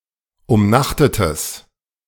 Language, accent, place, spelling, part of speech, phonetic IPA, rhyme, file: German, Germany, Berlin, umnachtetes, adjective, [ʊmˈnaxtətəs], -axtətəs, De-umnachtetes.ogg
- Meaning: strong/mixed nominative/accusative neuter singular of umnachtet